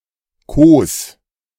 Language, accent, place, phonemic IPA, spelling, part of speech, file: German, Germany, Berlin, /ˈkoːs/, kos, verb, De-kos.ogg
- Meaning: singular imperative of kosen